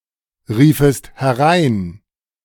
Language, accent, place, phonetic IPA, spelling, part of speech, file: German, Germany, Berlin, [ˌʁiːfəst hɛˈʁaɪ̯n], riefest herein, verb, De-riefest herein.ogg
- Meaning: second-person singular subjunctive II of hereinrufen